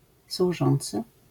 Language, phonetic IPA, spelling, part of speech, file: Polish, [swuˈʒɔ̃nt͡sɨ], służący, noun / verb, LL-Q809 (pol)-służący.wav